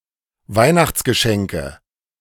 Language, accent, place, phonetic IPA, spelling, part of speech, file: German, Germany, Berlin, [ˈvaɪ̯naxt͡sɡəˌʃɛŋkə], Weihnachtsgeschenke, noun, De-Weihnachtsgeschenke.ogg
- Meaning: 1. nominative/accusative/genitive plural of Weihnachtsgeschenk 2. dative of Weihnachtsgeschenk